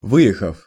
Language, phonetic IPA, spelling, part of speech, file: Russian, [ˈvɨ(j)ɪxəf], выехав, verb, Ru-выехав.ogg
- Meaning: short past adverbial perfective participle of вы́ехать (výjexatʹ)